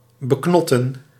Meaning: to curtail, to confine
- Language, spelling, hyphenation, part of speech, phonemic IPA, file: Dutch, beknotten, be‧knot‧ten, verb, /bəˈknɔ.tə(n)/, Nl-beknotten.ogg